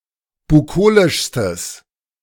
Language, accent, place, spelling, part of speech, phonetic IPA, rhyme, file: German, Germany, Berlin, bukolischstes, adjective, [buˈkoːlɪʃstəs], -oːlɪʃstəs, De-bukolischstes.ogg
- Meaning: strong/mixed nominative/accusative neuter singular superlative degree of bukolisch